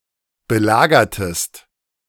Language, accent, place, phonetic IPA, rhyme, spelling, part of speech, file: German, Germany, Berlin, [bəˈlaːɡɐtəst], -aːɡɐtəst, belagertest, verb, De-belagertest.ogg
- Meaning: inflection of belagern: 1. second-person singular preterite 2. second-person singular subjunctive II